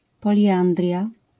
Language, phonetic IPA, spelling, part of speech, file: Polish, [ˌpɔlʲiˈʲãndrʲja], poliandria, noun, LL-Q809 (pol)-poliandria.wav